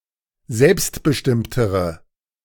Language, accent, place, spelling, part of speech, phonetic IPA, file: German, Germany, Berlin, selbstbestimmtere, adjective, [ˈzɛlpstbəˌʃtɪmtəʁə], De-selbstbestimmtere.ogg
- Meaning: inflection of selbstbestimmt: 1. strong/mixed nominative/accusative feminine singular comparative degree 2. strong nominative/accusative plural comparative degree